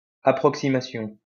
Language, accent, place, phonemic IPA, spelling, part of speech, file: French, France, Lyon, /a.pʁɔk.si.ma.sjɔ̃/, approximation, noun, LL-Q150 (fra)-approximation.wav
- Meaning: approximation; an imprecise solution